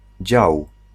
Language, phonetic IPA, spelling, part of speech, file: Polish, [d͡ʑaw], dział, noun / verb, Pl-dział.ogg